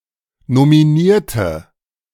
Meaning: inflection of nominieren: 1. first/third-person singular preterite 2. first/third-person singular subjunctive II
- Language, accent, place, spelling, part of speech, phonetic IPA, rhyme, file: German, Germany, Berlin, nominierte, adjective / verb, [nomiˈniːɐ̯tə], -iːɐ̯tə, De-nominierte.ogg